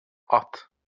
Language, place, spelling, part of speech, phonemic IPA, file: Azerbaijani, Baku, at, noun / verb, /ɑt/, LL-Q9292 (aze)-at.wav
- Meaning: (noun) 1. horse 2. knight; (verb) second-person singular imperative of atmaq